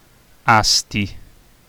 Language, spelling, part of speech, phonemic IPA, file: Italian, Asti, proper noun, /ˈasti/, It-Asti.ogg